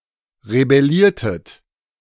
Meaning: inflection of rebellieren: 1. second-person plural preterite 2. second-person plural subjunctive II
- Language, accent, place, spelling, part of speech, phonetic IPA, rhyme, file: German, Germany, Berlin, rebelliertet, verb, [ʁebɛˈliːɐ̯tət], -iːɐ̯tət, De-rebelliertet.ogg